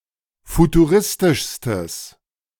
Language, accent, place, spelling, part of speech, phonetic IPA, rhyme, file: German, Germany, Berlin, futuristischstes, adjective, [futuˈʁɪstɪʃstəs], -ɪstɪʃstəs, De-futuristischstes.ogg
- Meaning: strong/mixed nominative/accusative neuter singular superlative degree of futuristisch